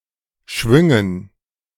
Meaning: dative plural of Schwung
- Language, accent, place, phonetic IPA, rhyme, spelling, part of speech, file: German, Germany, Berlin, [ˈʃvʏŋən], -ʏŋən, Schwüngen, noun, De-Schwüngen.ogg